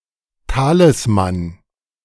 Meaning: talisman
- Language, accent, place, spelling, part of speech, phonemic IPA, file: German, Germany, Berlin, Talisman, noun, /ˈtaːlɪsman/, De-Talisman.ogg